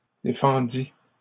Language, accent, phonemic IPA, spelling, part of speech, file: French, Canada, /de.fɑ̃.di/, défendît, verb, LL-Q150 (fra)-défendît.wav
- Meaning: third-person singular imperfect subjunctive of défendre